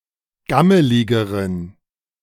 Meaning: inflection of gammelig: 1. strong genitive masculine/neuter singular comparative degree 2. weak/mixed genitive/dative all-gender singular comparative degree
- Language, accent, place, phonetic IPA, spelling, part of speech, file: German, Germany, Berlin, [ˈɡaməlɪɡəʁən], gammeligeren, adjective, De-gammeligeren.ogg